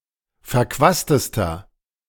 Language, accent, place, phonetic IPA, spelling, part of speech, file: German, Germany, Berlin, [fɛɐ̯ˈkvaːstəstɐ], verquastester, adjective, De-verquastester.ogg
- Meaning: inflection of verquast: 1. strong/mixed nominative masculine singular superlative degree 2. strong genitive/dative feminine singular superlative degree 3. strong genitive plural superlative degree